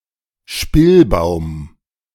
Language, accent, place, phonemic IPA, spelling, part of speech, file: German, Germany, Berlin, /ˈʃpɪlˌbaʊ̯m/, Spillbaum, noun, De-Spillbaum.ogg
- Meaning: alternative form of Spindelstrauch